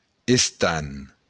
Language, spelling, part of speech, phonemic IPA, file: Occitan, estant, noun, /esˈtant/, LL-Q35735-estant.wav
- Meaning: shroud